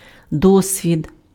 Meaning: experience (knowledge and skills acquired over the course of life)
- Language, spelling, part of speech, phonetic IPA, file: Ukrainian, досвід, noun, [ˈdɔsʲʋʲid], Uk-досвід.ogg